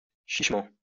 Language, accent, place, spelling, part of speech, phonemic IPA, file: French, France, Lyon, chichement, adverb, /ʃiʃ.mɑ̃/, LL-Q150 (fra)-chichement.wav
- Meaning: meanly, sparingly, niggardly